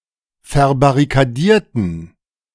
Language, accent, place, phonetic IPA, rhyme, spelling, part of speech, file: German, Germany, Berlin, [fɛɐ̯baʁikaˈdiːɐ̯tn̩], -iːɐ̯tn̩, verbarrikadierten, adjective / verb, De-verbarrikadierten.ogg
- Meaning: inflection of verbarrikadieren: 1. first/third-person plural preterite 2. first/third-person plural subjunctive II